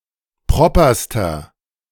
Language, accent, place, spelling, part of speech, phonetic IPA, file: German, Germany, Berlin, properster, adjective, [ˈpʁɔpɐstɐ], De-properster.ogg
- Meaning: inflection of proper: 1. strong/mixed nominative masculine singular superlative degree 2. strong genitive/dative feminine singular superlative degree 3. strong genitive plural superlative degree